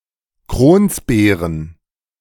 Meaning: plural of Kronsbeere
- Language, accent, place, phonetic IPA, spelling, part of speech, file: German, Germany, Berlin, [ˈkʁoːnsˌbeːʁən], Kronsbeeren, noun, De-Kronsbeeren.ogg